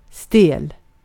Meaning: 1. stiff, rigid 2. very strict and formal (to a fault), stiff 3. awkward
- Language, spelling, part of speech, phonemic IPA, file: Swedish, stel, adjective, /steːl/, Sv-stel.ogg